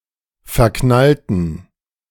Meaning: inflection of verknallen: 1. first/third-person plural preterite 2. first/third-person plural subjunctive II
- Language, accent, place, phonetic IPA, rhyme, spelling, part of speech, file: German, Germany, Berlin, [fɛɐ̯ˈknaltn̩], -altn̩, verknallten, adjective / verb, De-verknallten.ogg